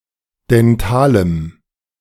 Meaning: strong dative masculine/neuter singular of dental
- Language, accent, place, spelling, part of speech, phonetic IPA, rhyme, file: German, Germany, Berlin, dentalem, adjective, [dɛnˈtaːləm], -aːləm, De-dentalem.ogg